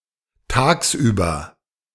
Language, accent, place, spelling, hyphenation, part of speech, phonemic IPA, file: German, Germany, Berlin, tagsüber, tags‧über, adverb, /ˈtaːksˌʔyːbɐ/, De-tagsüber.ogg
- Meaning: by day, during the day, in the day, in the daytime